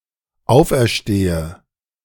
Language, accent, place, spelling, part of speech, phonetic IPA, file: German, Germany, Berlin, auferstehe, verb, [ˈaʊ̯fʔɛɐ̯ˌʃteːə], De-auferstehe.ogg
- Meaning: inflection of auferstehen: 1. first-person singular dependent present 2. first/third-person singular dependent subjunctive I